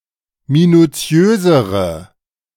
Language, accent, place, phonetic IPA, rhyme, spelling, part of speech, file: German, Germany, Berlin, [minuˈt͡si̯øːzəʁə], -øːzəʁə, minuziösere, adjective, De-minuziösere.ogg
- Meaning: inflection of minuziös: 1. strong/mixed nominative/accusative feminine singular comparative degree 2. strong nominative/accusative plural comparative degree